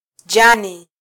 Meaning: 1. leaf 2. blade (grass)
- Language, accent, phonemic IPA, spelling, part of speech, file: Swahili, Kenya, /ˈʄɑ.ni/, jani, noun, Sw-ke-jani.flac